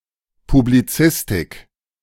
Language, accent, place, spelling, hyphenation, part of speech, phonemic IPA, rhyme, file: German, Germany, Berlin, Publizistik, Pu‧b‧li‧zis‧tik, noun, /publiˈt͡sɪstɪk/, -ɪstɪk, De-Publizistik.ogg
- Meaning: media studies